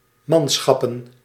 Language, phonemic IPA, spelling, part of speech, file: Dutch, /ˈmɑnsxɑpə(n)/, manschappen, noun, Nl-manschappen.ogg
- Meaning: plural of manschap